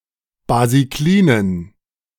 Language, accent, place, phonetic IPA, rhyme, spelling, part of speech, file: German, Germany, Berlin, [baziˈkliːnən], -iːnən, basiklinen, adjective, De-basiklinen.ogg
- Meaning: inflection of basiklin: 1. strong genitive masculine/neuter singular 2. weak/mixed genitive/dative all-gender singular 3. strong/weak/mixed accusative masculine singular 4. strong dative plural